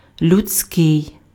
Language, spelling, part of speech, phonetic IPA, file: Ukrainian, людський, adjective, [lʲʊd͡zʲˈsʲkɪi̯], Uk-людський.ogg
- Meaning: human (of or belonging to the species Homo sapiens)